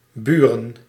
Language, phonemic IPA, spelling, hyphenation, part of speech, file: Dutch, /ˈbyrə(n)/, buren, bu‧ren, noun, Nl-buren.ogg
- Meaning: plural of buur